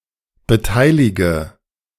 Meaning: inflection of beteiligen: 1. first-person singular present 2. first/third-person singular subjunctive I 3. singular imperative
- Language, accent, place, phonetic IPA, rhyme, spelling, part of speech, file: German, Germany, Berlin, [bəˈtaɪ̯lɪɡə], -aɪ̯lɪɡə, beteilige, verb, De-beteilige.ogg